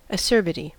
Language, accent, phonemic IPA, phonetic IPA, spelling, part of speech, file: English, US, /əˈsɝbɪti/, [əˈsɝbɪɾi], acerbity, noun, En-us-acerbity.ogg
- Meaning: 1. Sourness of taste, with bitterness and astringency, like that of unripe fruit 2. Harshness, bitterness, or severity 3. Something harsh (e.g. a remark, act or experience)